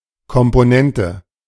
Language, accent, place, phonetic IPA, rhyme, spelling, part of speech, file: German, Germany, Berlin, [kɔmpoˈnɛntə], -ɛntə, Komponente, noun, De-Komponente.ogg
- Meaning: component